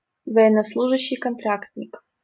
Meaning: 1. contractor 2. soldier under a contract (as opposed to a drafted conscript)
- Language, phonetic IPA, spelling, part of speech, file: Russian, [kɐnˈtratʲnʲɪk], контрактник, noun, LL-Q7737 (rus)-контрактник.wav